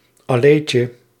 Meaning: diminutive of allee
- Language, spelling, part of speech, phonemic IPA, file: Dutch, alleetje, noun, /ɑˈlecə/, Nl-alleetje.ogg